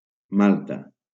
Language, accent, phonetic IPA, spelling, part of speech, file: Catalan, Valencia, [ˈmal.ta], Malta, proper noun, LL-Q7026 (cat)-Malta.wav
- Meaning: 1. Malta (an archipelago and country in Southern Europe, in the Mediterranean Sea) 2. Malta (the largest island in the Maltese Archipelago)